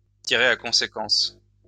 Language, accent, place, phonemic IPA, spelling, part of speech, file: French, France, Lyon, /ti.ʁe a kɔ̃.se.kɑ̃s/, tirer à conséquence, verb, LL-Q150 (fra)-tirer à conséquence.wav
- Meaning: to matter